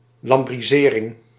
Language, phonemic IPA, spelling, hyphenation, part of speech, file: Dutch, /ˌlɑmbriˈzerɪŋ/, lambrisering, lam‧bri‧se‧ring, noun, Nl-lambrisering.ogg
- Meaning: wainscot